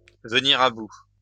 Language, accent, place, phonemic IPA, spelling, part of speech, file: French, France, Lyon, /və.ni.ʁ‿a bu/, venir à bout, verb, LL-Q150 (fra)-venir à bout.wav
- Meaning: to overcome, to manage to finish